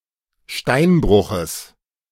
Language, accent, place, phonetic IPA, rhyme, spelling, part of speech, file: German, Germany, Berlin, [ˈʃtaɪ̯nˌbʁʊxəs], -aɪ̯nbʁʊxəs, Steinbruches, noun, De-Steinbruches.ogg
- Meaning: genitive singular of Steinbruch